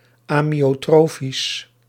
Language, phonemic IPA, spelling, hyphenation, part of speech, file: Dutch, /aː.mi.oːˈtroː.fis/, amyotrofisch, amyo‧tro‧fisch, adjective, Nl-amyotrofisch.ogg
- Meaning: amyotrophic